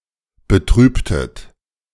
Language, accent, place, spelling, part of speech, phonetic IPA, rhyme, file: German, Germany, Berlin, betrübtet, verb, [bəˈtʁyːptət], -yːptət, De-betrübtet.ogg
- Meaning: inflection of betrüben: 1. second-person plural preterite 2. second-person plural subjunctive II